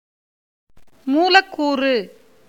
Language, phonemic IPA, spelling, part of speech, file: Tamil, /muːlɐkːuːrɯ/, மூலக்கூறு, noun, Ta-மூலக்கூறு.ogg
- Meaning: molecule